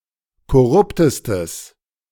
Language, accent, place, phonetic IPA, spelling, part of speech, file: German, Germany, Berlin, [kɔˈʁʊptəstəs], korruptestes, adjective, De-korruptestes.ogg
- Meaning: strong/mixed nominative/accusative neuter singular superlative degree of korrupt